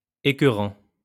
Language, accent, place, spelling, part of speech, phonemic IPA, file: French, France, Lyon, écœurant, adjective / noun / verb, /e.kœ.ʁɑ̃/, LL-Q150 (fra)-écœurant.wav
- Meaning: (adjective) 1. sickening, nauseating 2. very good, excellent; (noun) an annoying person; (verb) present participle of écœurer